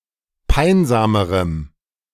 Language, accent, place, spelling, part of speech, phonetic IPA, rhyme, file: German, Germany, Berlin, peinsamerem, adjective, [ˈpaɪ̯nzaːməʁəm], -aɪ̯nzaːməʁəm, De-peinsamerem.ogg
- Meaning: strong dative masculine/neuter singular comparative degree of peinsam